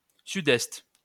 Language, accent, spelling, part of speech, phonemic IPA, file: French, France, sud-est, noun, /sy.dɛst/, LL-Q150 (fra)-sud-est.wav
- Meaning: south-east